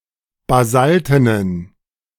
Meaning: inflection of basalten: 1. strong genitive masculine/neuter singular 2. weak/mixed genitive/dative all-gender singular 3. strong/weak/mixed accusative masculine singular 4. strong dative plural
- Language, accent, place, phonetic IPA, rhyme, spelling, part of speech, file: German, Germany, Berlin, [baˈzaltənən], -altənən, basaltenen, adjective, De-basaltenen.ogg